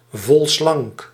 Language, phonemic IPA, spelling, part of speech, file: Dutch, /ˈvɔlslɑŋk/, volslank, adjective, Nl-volslank.ogg
- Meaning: 1. slender and curvaceous 2. well-rounded, well-fed, as euphemism for chubby or fat